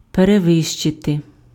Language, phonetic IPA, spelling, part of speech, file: Ukrainian, [pereˈʋɪʃt͡ʃete], перевищити, verb, Uk-перевищити.ogg
- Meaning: 1. to exceed, to go beyond 2. to surpass, to outstrip, to outdo, to outmatch, to excel, to top